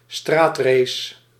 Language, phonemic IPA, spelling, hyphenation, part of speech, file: Dutch, /ˈstraːt.reːs/, straatrace, straat‧race, noun, Nl-straatrace.ogg
- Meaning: a street race